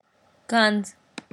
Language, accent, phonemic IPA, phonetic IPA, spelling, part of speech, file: Armenian, Eastern Armenian, /ɡɑnd͡z/, [ɡɑnd͡z], գանձ, noun, Gɑndz.ogg
- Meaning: treasure, riches